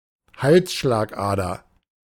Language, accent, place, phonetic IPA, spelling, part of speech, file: German, Germany, Berlin, [ˈhalsʃlaːkˌʔaːdɐ], Halsschlagader, noun, De-Halsschlagader.ogg
- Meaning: carotid, carotid artery